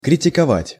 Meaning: to criticize
- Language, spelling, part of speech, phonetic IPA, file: Russian, критиковать, verb, [krʲɪtʲɪkɐˈvatʲ], Ru-критиковать.ogg